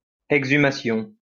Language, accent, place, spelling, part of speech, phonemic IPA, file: French, France, Lyon, exhumation, noun, /ɛɡ.zy.ma.sjɔ̃/, LL-Q150 (fra)-exhumation.wav
- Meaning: exhumation